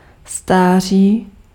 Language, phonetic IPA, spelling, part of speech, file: Czech, [ˈstaːr̝iː], stáří, noun, Cs-stáří.ogg
- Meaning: 1. age (duration of an entity) 2. age (state of being old)